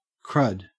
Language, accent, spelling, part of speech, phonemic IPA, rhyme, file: English, Australia, crud, noun / verb / interjection, /kɹʌd/, -ʌd, En-au-crud.ogg
- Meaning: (noun) 1. Dirt, filth or refuse 2. Something of poor quality 3. A contemptible person 4. Mixed impurities, especially wear and corrosion products in nuclear reactor coolant